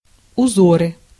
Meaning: nominative/accusative plural of узо́р (uzór)
- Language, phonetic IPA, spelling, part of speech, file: Russian, [ʊˈzorɨ], узоры, noun, Ru-узоры.ogg